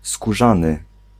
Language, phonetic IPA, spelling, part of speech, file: Polish, [skuˈʒãnɨ], skórzany, adjective, Pl-skórzany.ogg